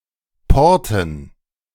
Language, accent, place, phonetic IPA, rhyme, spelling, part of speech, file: German, Germany, Berlin, [ˈpɔʁtn̩], -ɔʁtn̩, Porten, noun, De-Porten.ogg
- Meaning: dative plural of Port (“harbor”)